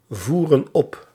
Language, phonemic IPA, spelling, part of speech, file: Dutch, /ˈvurə(n) ˈɔp/, voeren op, verb, Nl-voeren op.ogg
- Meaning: inflection of opvoeren: 1. plural present indicative 2. plural present subjunctive